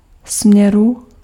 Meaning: genitive/dative/locative singular of směr
- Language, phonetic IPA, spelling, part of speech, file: Czech, [ˈsm̩ɲɛru], směru, noun, Cs-směru.ogg